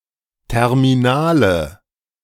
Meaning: inflection of terminal: 1. strong/mixed nominative/accusative feminine singular 2. strong nominative/accusative plural 3. weak nominative all-gender singular
- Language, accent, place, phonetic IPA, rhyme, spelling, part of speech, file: German, Germany, Berlin, [ˌtɛʁmiˈnaːlə], -aːlə, terminale, adjective, De-terminale.ogg